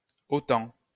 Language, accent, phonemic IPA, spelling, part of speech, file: French, France, /ɔ.tɑ̃/, OTAN, proper noun, LL-Q150 (fra)-OTAN.wav
- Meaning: acronym of Organisation du traité de l'Atlantique Nord: NATO